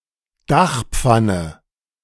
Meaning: roof tile
- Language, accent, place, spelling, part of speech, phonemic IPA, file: German, Germany, Berlin, Dachpfanne, noun, /ˈdaχˌ(p)fanə/, De-Dachpfanne.ogg